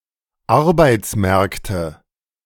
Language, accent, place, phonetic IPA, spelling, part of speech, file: German, Germany, Berlin, [ˈaʁbaɪ̯t͡sˌmɛʁktə], Arbeitsmärkte, noun, De-Arbeitsmärkte.ogg
- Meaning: nominative/accusative/genitive plural of Arbeitsmarkt